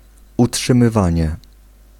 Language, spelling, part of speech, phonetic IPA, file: Polish, utrzymywanie, noun, [ˌuṭʃɨ̃mɨˈvãɲɛ], Pl-utrzymywanie.ogg